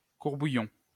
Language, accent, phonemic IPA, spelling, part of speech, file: French, France, /kuʁ.bu.jɔ̃/, court-bouillon, noun, LL-Q150 (fra)-court-bouillon.wav
- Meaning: a court bouillon, a short broth